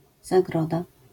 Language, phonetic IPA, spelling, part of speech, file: Polish, [zaˈɡrɔda], zagroda, noun, LL-Q809 (pol)-zagroda.wav